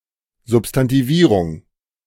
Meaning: substantivization, nominalization
- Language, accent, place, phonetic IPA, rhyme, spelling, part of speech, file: German, Germany, Berlin, [ˌzʊpstantiˈviːʁʊŋ], -iːʁʊŋ, Substantivierung, noun, De-Substantivierung.ogg